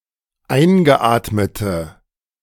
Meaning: inflection of eingeatmet: 1. strong/mixed nominative/accusative feminine singular 2. strong nominative/accusative plural 3. weak nominative all-gender singular
- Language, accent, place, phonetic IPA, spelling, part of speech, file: German, Germany, Berlin, [ˈaɪ̯nɡəˌʔaːtmətə], eingeatmete, adjective, De-eingeatmete.ogg